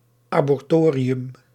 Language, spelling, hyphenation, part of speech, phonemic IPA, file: Dutch, abortorium, abor‧to‧ri‧um, noun, /ˌaː.bɔrˈtoː.ri.ʏm/, Nl-abortorium.ogg
- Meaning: abortorium